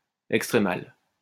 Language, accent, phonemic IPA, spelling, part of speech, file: French, France, /ɛk.stʁe.mal/, extrémal, adjective, LL-Q150 (fra)-extrémal.wav
- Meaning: extremal